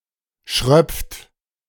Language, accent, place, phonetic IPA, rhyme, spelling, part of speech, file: German, Germany, Berlin, [ʃʁœp͡ft], -œp͡ft, schröpft, verb, De-schröpft.ogg
- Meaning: inflection of schröpfen: 1. second-person plural present 2. third-person singular present 3. plural imperative